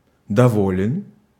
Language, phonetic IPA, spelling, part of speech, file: Russian, [dɐˈvolʲɪn], доволен, adjective, Ru-доволен.ogg
- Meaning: short masculine singular of дово́льный (dovólʹnyj)